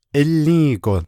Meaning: 1. because it is valuable 2. valuably 3. because it is expensive 4. expensively
- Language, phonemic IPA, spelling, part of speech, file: Navajo, /ʔɪ́lĩ́ːkò/, ílį́įgo, adverb, Nv-ílį́įgo.ogg